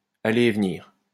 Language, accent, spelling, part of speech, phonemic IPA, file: French, France, aller et venir, verb, /a.le e v(ə).niʁ/, LL-Q150 (fra)-aller et venir.wav
- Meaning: to walk back and forth